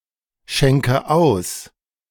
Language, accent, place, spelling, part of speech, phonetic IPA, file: German, Germany, Berlin, schenke aus, verb, [ˌʃɛŋkə ˈaʊ̯s], De-schenke aus.ogg
- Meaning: inflection of ausschenken: 1. first-person singular present 2. first/third-person singular subjunctive I 3. singular imperative